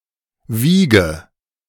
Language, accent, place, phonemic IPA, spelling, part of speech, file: German, Germany, Berlin, /ˈviːɡə/, Wiege, noun, De-Wiege.ogg
- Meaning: 1. cradle 2. infancy, origin 3. rocking blotter, blotting-paper rocker